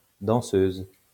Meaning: female equivalent of danseur
- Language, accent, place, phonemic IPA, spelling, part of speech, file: French, France, Lyon, /dɑ̃.søz/, danseuse, noun, LL-Q150 (fra)-danseuse.wav